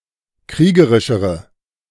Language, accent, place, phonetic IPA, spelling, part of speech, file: German, Germany, Berlin, [ˈkʁiːɡəʁɪʃəʁə], kriegerischere, adjective, De-kriegerischere.ogg
- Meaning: inflection of kriegerisch: 1. strong/mixed nominative/accusative feminine singular comparative degree 2. strong nominative/accusative plural comparative degree